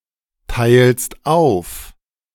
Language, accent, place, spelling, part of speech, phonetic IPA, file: German, Germany, Berlin, teilst auf, verb, [ˌtaɪ̯lst ˈaʊ̯f], De-teilst auf.ogg
- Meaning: second-person singular present of aufteilen